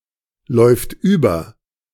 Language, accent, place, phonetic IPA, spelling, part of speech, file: German, Germany, Berlin, [ˌlɔɪ̯ft ˈyːbɐ], läuft über, verb, De-läuft über.ogg
- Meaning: third-person singular present of überlaufen